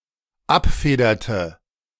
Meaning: inflection of abfedern: 1. first/third-person singular dependent preterite 2. first/third-person singular dependent subjunctive II
- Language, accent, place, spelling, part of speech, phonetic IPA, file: German, Germany, Berlin, abfederte, verb, [ˈapˌfeːdɐtə], De-abfederte.ogg